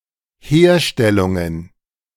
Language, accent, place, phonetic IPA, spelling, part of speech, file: German, Germany, Berlin, [ˈheːɐ̯ˌʃtɛlʊŋən], Herstellungen, noun, De-Herstellungen.ogg
- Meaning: plural of Herstellung